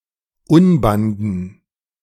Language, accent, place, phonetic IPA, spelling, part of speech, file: German, Germany, Berlin, [ˈʊnbandn̩], Unbanden, noun, De-Unbanden.ogg
- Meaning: dative plural of Unband